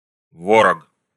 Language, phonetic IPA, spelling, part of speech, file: Russian, [ˈvorək], ворог, noun, Ru-ворог.ogg
- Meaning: enemy, foe